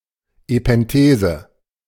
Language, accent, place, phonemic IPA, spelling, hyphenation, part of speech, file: German, Germany, Berlin, /epɛnˈteːzə/, Epenthese, Ep‧en‧the‧se, noun, De-Epenthese.ogg
- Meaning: epenthesis